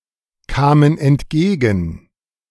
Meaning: first/third-person plural preterite of entgegenkommen
- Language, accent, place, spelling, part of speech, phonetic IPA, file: German, Germany, Berlin, kamen entgegen, verb, [ˌkaːmən ɛntˈɡeːɡn̩], De-kamen entgegen.ogg